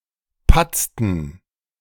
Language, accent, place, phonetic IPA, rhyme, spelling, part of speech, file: German, Germany, Berlin, [ˈpat͡stn̩], -at͡stn̩, patzten, verb, De-patzten.ogg
- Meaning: inflection of patzen: 1. first/third-person plural preterite 2. first/third-person plural subjunctive II